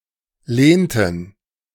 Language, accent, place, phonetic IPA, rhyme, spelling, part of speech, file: German, Germany, Berlin, [ˈleːntn̩], -eːntn̩, lehnten, verb, De-lehnten.ogg
- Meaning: inflection of lehnen: 1. first/third-person plural preterite 2. first/third-person plural subjunctive II